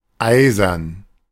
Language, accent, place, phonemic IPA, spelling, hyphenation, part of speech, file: German, Germany, Berlin, /ˈaɪ̯zɐn/, eisern, ei‧sern, adjective, De-eisern.ogg
- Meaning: 1. iron, ironclad, made of iron 2. staunch, unyielding